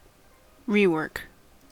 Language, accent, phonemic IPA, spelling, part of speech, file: English, US, /ˈɹiːwɜː(ɹ)k/, rework, noun, En-us-rework.ogg
- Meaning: 1. The act of redoing, correcting, or rebuilding 2. Taking unsaleable food and using it in the manufacture of other food 3. Something redone, corrected or rebuilt